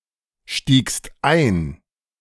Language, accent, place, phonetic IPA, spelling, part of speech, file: German, Germany, Berlin, [ˌʃtiːkst ˈaɪ̯n], stiegst ein, verb, De-stiegst ein.ogg
- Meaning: second-person singular preterite of einsteigen